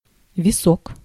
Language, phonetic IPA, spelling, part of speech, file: Russian, [vʲɪˈsok], висок, noun, Ru-висок.ogg
- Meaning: temple